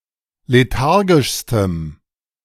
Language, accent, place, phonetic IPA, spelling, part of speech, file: German, Germany, Berlin, [leˈtaʁɡɪʃstəm], lethargischstem, adjective, De-lethargischstem.ogg
- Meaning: strong dative masculine/neuter singular superlative degree of lethargisch